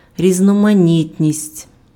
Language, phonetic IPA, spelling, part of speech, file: Ukrainian, [rʲiznɔmɐˈnʲitʲnʲisʲtʲ], різноманітність, noun, Uk-різноманітність.ogg
- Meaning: diversity, variety